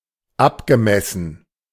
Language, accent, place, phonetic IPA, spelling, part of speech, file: German, Germany, Berlin, [ˈapɡəˌmɛsn̩], abgemessen, verb, De-abgemessen.ogg
- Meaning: past participle of abmessen